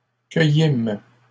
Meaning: first-person plural past historic of cueillir
- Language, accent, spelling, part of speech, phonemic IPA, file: French, Canada, cueillîmes, verb, /kœ.jim/, LL-Q150 (fra)-cueillîmes.wav